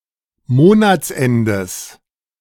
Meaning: genitive of Monatsende
- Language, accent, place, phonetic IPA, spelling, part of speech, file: German, Germany, Berlin, [ˈmoːnat͡sˌʔɛndəs], Monatsendes, noun, De-Monatsendes.ogg